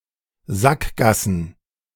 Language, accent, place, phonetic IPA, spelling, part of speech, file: German, Germany, Berlin, [ˈzakˌɡasn̩], Sackgassen, noun, De-Sackgassen.ogg
- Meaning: plural of Sackgasse